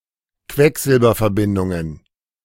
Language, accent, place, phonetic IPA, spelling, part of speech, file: German, Germany, Berlin, [ˈkvɛkzɪlbɐfɛɐ̯ˌbɪndʊŋən], Quecksilberverbindungen, noun, De-Quecksilberverbindungen.ogg
- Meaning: plural of Quecksilberverbindung